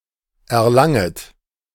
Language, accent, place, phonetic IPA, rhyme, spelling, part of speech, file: German, Germany, Berlin, [ɛɐ̯ˈlaŋət], -aŋət, erlanget, verb, De-erlanget.ogg
- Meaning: second-person plural subjunctive I of erlangen